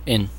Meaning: Contraction of and, used mainly in a few set phrases such as rock 'n' roll
- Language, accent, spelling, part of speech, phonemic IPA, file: English, US, 'n', conjunction, /ən/, En-us-'n'.ogg